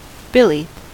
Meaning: 1. A fellow, companion, comrade, mate; partner, brother 2. A good friend 3. A billy goat 4. A silk handkerchief 5. A highwayman's club, billy club 6. A slubbing or roving machine
- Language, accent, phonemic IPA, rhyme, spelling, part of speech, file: English, US, /ˈbɪli/, -ɪli, billy, noun, En-us-billy.ogg